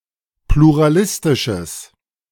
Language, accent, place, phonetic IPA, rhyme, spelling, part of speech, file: German, Germany, Berlin, [pluʁaˈlɪstɪʃəs], -ɪstɪʃəs, pluralistisches, adjective, De-pluralistisches.ogg
- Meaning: strong/mixed nominative/accusative neuter singular of pluralistisch